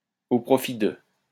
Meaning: to the benefit of, for the benefit of, in favour of; in aid of
- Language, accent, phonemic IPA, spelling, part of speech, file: French, France, /o pʁɔ.fi də/, au profit de, preposition, LL-Q150 (fra)-au profit de.wav